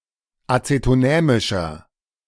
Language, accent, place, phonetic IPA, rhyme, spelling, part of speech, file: German, Germany, Berlin, [ˌat͡setoˈnɛːmɪʃɐ], -ɛːmɪʃɐ, acetonämischer, adjective, De-acetonämischer.ogg
- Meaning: inflection of acetonämisch: 1. strong/mixed nominative masculine singular 2. strong genitive/dative feminine singular 3. strong genitive plural